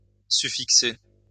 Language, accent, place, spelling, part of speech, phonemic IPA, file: French, France, Lyon, suffixer, verb, /sy.fik.se/, LL-Q150 (fra)-suffixer.wav
- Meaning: to suffix